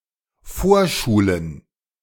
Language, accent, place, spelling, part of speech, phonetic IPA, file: German, Germany, Berlin, Vorschulen, noun, [ˈfoːɐ̯ˌʃuːlən], De-Vorschulen.ogg
- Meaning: plural of Vorschule